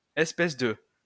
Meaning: you
- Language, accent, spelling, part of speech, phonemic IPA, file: French, France, espèce de, adjective, /ɛs.pɛs də/, LL-Q150 (fra)-espèce de.wav